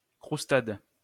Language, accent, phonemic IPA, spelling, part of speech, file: French, France, /kʁus.tad/, croustade, noun, LL-Q150 (fra)-croustade.wav
- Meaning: 1. croustade 2. crumble (dessert)